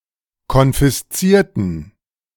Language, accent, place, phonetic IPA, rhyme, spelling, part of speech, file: German, Germany, Berlin, [kɔnfɪsˈt͡siːɐ̯tn̩], -iːɐ̯tn̩, konfiszierten, adjective / verb, De-konfiszierten.ogg
- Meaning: inflection of konfiszieren: 1. first/third-person plural preterite 2. first/third-person plural subjunctive II